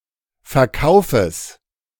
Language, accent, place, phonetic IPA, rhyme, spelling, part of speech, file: German, Germany, Berlin, [fɛɐ̯ˈkaʊ̯fəs], -aʊ̯fəs, Verkaufes, noun, De-Verkaufes.ogg
- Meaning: genitive singular of Verkauf